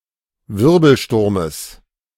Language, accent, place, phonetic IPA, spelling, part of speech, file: German, Germany, Berlin, [ˈvɪʁbl̩ˌʃtʊʁməs], Wirbelsturmes, noun, De-Wirbelsturmes.ogg
- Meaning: genitive singular of Wirbelsturm